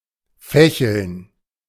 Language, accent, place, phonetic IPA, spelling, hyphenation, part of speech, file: German, Germany, Berlin, [ˈfɛçl̩n], fächeln, fä‧cheln, verb, De-fächeln.ogg
- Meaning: to fan